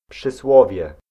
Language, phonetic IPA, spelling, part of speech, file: Polish, [pʃɨˈswɔvʲjɛ], przysłowie, noun, Pl-przysłowie.ogg